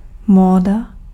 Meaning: fashion (current (constantly changing) trend)
- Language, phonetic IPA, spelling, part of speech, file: Czech, [ˈmoːda], móda, noun, Cs-móda.ogg